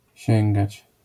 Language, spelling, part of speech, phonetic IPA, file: Polish, sięgać, verb, [ˈɕɛ̃ŋɡat͡ɕ], LL-Q809 (pol)-sięgać.wav